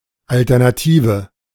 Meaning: 1. alternative 2. option, choice
- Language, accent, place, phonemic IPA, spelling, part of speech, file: German, Germany, Berlin, /ˌaltɛʁnaˈtiːvə/, Alternative, noun, De-Alternative.ogg